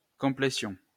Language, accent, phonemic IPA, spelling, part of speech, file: French, France, /kɔ̃.ple.sjɔ̃/, complétion, noun, LL-Q150 (fra)-complétion.wav
- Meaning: completion